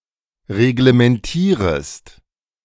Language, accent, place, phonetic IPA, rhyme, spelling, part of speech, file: German, Germany, Berlin, [ʁeɡləmɛnˈtiːʁəst], -iːʁəst, reglementierest, verb, De-reglementierest.ogg
- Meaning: second-person singular subjunctive I of reglementieren